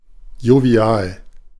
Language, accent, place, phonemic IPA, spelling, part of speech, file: German, Germany, Berlin, /joˈviaːl/, jovial, adjective, De-jovial.ogg
- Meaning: jovial